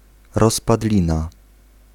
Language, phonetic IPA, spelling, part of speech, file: Polish, [ˌrɔspaˈdlʲĩna], rozpadlina, noun, Pl-rozpadlina.ogg